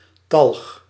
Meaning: 1. sebum; skin fat 2. tallow
- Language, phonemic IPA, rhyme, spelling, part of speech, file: Dutch, /tɑlx/, -ɑlx, talg, noun, Nl-talg.ogg